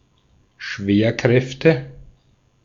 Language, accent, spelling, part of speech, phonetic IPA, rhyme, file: German, Austria, Schwerkräfte, noun, [ˈʃveːɐ̯ˌkʁɛftə], -eːɐ̯kʁɛftə, De-at-Schwerkräfte.ogg
- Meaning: nominative/accusative/genitive plural of Schwerkraft